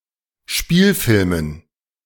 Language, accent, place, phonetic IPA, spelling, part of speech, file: German, Germany, Berlin, [ˈʃpiːlfɪlmən], Spielfilmen, noun, De-Spielfilmen.ogg
- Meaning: dative plural of Spielfilm